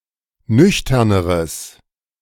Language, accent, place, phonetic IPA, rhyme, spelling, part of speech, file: German, Germany, Berlin, [ˈnʏçtɐnəʁəs], -ʏçtɐnəʁəs, nüchterneres, adjective, De-nüchterneres.ogg
- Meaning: strong/mixed nominative/accusative neuter singular comparative degree of nüchtern